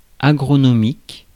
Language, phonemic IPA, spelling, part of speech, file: French, /a.ɡʁɔ.nɔ.mik/, agronomique, adjective, Fr-agronomique.ogg
- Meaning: agronomic